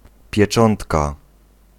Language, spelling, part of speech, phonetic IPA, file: Polish, pieczątka, noun, [pʲjɛˈt͡ʃɔ̃ntka], Pl-pieczątka.ogg